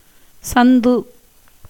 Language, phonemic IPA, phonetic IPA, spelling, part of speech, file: Tamil, /tʃɐnd̪ɯ/, [sɐn̪d̪ɯ], சந்து, noun, Ta-சந்து.ogg
- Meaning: 1. joint, hips 2. butt, buttocks 3. lane, walkway, alley, narrow street 4. gap, cleft, crack 5. message, errand 6. reconciliation, peace